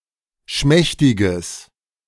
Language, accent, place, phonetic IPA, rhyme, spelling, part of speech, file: German, Germany, Berlin, [ˈʃmɛçtɪɡəs], -ɛçtɪɡəs, schmächtiges, adjective, De-schmächtiges.ogg
- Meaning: strong/mixed nominative/accusative neuter singular of schmächtig